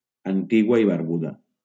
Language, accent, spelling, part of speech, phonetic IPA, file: Catalan, Valencia, Antigua i Barbuda, proper noun, [anˈti.ɣwa i baɾˈbu.ða], LL-Q7026 (cat)-Antigua i Barbuda.wav
- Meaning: Antigua and Barbuda (a country consisting of two islands in the Caribbean, Antigua and Barbuda, and numerous other small islands)